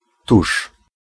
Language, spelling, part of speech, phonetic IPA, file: Polish, tuż, adverb, [tuʃ], Pl-tuż.ogg